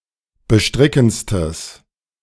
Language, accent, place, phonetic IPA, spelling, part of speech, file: German, Germany, Berlin, [bəˈʃtʁɪkn̩t͡stəs], bestrickendstes, adjective, De-bestrickendstes.ogg
- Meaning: strong/mixed nominative/accusative neuter singular superlative degree of bestrickend